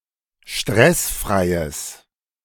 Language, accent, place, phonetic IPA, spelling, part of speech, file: German, Germany, Berlin, [ˈʃtʁɛsˌfʁaɪ̯əs], stressfreies, adjective, De-stressfreies.ogg
- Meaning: strong/mixed nominative/accusative neuter singular of stressfrei